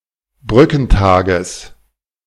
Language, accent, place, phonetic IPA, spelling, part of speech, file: German, Germany, Berlin, [ˈbʁʏkn̩ˌtaːɡəs], Brückentages, noun, De-Brückentages.ogg
- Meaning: genitive singular of Brückentag